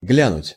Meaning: to glance, to give a brief look
- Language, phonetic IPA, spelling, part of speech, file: Russian, [ˈɡlʲanʊtʲ], глянуть, verb, Ru-глянуть.ogg